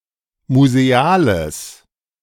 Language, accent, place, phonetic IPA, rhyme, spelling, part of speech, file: German, Germany, Berlin, [muzeˈaːləs], -aːləs, museales, adjective, De-museales.ogg
- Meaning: strong/mixed nominative/accusative neuter singular of museal